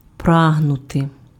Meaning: to strive for/after, to aspire to, to aim for
- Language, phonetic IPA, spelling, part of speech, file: Ukrainian, [ˈpraɦnʊte], прагнути, verb, Uk-прагнути.ogg